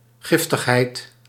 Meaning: toxicity, poisonousness
- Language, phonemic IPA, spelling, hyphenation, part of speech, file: Dutch, /ˈɣɪf.təxˌɦɛi̯t/, giftigheid, gif‧tig‧heid, noun, Nl-giftigheid.ogg